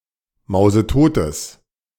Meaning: strong/mixed nominative/accusative neuter singular of mausetot
- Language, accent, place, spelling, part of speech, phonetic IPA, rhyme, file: German, Germany, Berlin, mausetotes, adjective, [ˌmaʊ̯zəˈtoːtəs], -oːtəs, De-mausetotes.ogg